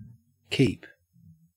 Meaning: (verb) 1. To continue in (a course or mode of action); to not intermit or fall from; to uphold or maintain 2. To remain faithful to a given promise or word
- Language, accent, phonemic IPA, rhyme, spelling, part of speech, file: English, Australia, /kiːp/, -iːp, keep, verb / noun, En-au-keep.ogg